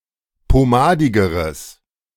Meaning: strong/mixed nominative/accusative neuter singular comparative degree of pomadig
- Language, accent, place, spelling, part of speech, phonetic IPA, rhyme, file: German, Germany, Berlin, pomadigeres, adjective, [poˈmaːdɪɡəʁəs], -aːdɪɡəʁəs, De-pomadigeres.ogg